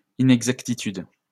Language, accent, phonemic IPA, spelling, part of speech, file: French, France, /i.nɛɡ.zak.ti.tyd/, inexactitude, noun, LL-Q150 (fra)-inexactitude.wav
- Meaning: inexactitude